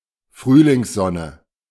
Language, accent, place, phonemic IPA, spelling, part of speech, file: German, Germany, Berlin, /ˈfʁyːlɪŋsˌzɔnə/, Frühlingssonne, noun, De-Frühlingssonne.ogg
- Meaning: spring sunshine, spring sun